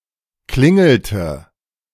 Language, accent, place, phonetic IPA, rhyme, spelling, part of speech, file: German, Germany, Berlin, [ˈklɪŋl̩tə], -ɪŋl̩tə, klingelte, verb, De-klingelte.ogg
- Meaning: inflection of klingeln: 1. first/third-person singular preterite 2. first/third-person singular subjunctive II